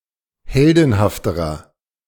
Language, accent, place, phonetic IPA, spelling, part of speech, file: German, Germany, Berlin, [ˈhɛldn̩haftəʁɐ], heldenhafterer, adjective, De-heldenhafterer.ogg
- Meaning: inflection of heldenhaft: 1. strong/mixed nominative masculine singular comparative degree 2. strong genitive/dative feminine singular comparative degree 3. strong genitive plural comparative degree